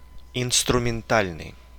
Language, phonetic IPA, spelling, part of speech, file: Russian, [ɪnstrʊmʲɪnˈtalʲnɨj], инструментальный, adjective, Ru-инструментальный.ogg
- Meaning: 1. instrumental 2. tool, toolmaking 3. tool